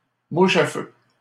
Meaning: firefly
- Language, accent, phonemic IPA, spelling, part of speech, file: French, Canada, /mu.ʃ‿a fø/, mouche à feu, noun, LL-Q150 (fra)-mouche à feu.wav